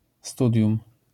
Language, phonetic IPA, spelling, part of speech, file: Polish, [ˈstudʲjũm], studium, noun, LL-Q809 (pol)-studium.wav